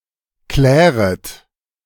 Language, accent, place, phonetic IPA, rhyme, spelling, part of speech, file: German, Germany, Berlin, [ˈklɛːʁət], -ɛːʁət, kläret, verb, De-kläret.ogg
- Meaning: second-person plural subjunctive I of klären